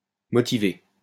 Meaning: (adjective) 1. motivated, enthusiastic 2. justified, substantiated, well-founded 3. motivated, bearing a necessity between the signed and the signifier; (verb) past participle of motiver
- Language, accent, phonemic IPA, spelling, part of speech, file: French, France, /mɔ.ti.ve/, motivé, adjective / verb, LL-Q150 (fra)-motivé.wav